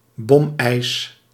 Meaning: white, porous ice, caused by a layer of air under the ice
- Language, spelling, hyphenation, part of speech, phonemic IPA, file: Dutch, bomijs, bom‧ijs, noun, /ˈbɔm.ɛi̯s/, Nl-bomijs.ogg